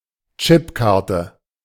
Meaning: chip card, smart card
- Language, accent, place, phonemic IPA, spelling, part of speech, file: German, Germany, Berlin, /ˈt͡ʃɪpkartə/, Chipkarte, noun, De-Chipkarte.ogg